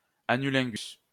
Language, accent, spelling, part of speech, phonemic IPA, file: French, France, anulingus, noun, /a.ny.lɛ̃.ɡys/, LL-Q150 (fra)-anulingus.wav
- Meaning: anilingus